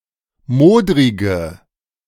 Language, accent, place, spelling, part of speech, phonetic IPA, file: German, Germany, Berlin, modrige, adjective, [ˈmoːdʁɪɡə], De-modrige.ogg
- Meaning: inflection of modrig: 1. strong/mixed nominative/accusative feminine singular 2. strong nominative/accusative plural 3. weak nominative all-gender singular 4. weak accusative feminine/neuter singular